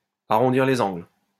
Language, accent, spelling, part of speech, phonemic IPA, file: French, France, arrondir les angles, verb, /a.ʁɔ̃.diʁ le.z‿ɑ̃ɡl/, LL-Q150 (fra)-arrondir les angles.wav
- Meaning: to smooth things out, to smooth things over